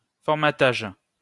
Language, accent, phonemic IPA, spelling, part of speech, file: French, France, /fɔʁ.ma.taʒ/, formatage, noun, LL-Q150 (fra)-formatage.wav
- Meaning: 1. the act of formatting 2. the act of restraining someone in a certain fixed way/manner of thought/thinking (cf. set in one's ways)